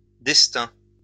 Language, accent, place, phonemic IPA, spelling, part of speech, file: French, France, Lyon, /dɛs.tɛ̃/, destins, noun, LL-Q150 (fra)-destins.wav
- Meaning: plural of destin